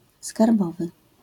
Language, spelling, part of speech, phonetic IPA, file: Polish, skarbowy, adjective, [skarˈbɔvɨ], LL-Q809 (pol)-skarbowy.wav